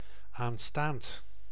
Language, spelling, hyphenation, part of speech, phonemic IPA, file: Dutch, aanstaand, aan‧staand, adjective, /aːn.staːnt/, Nl-aanstaand.ogg
- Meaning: coming, next, future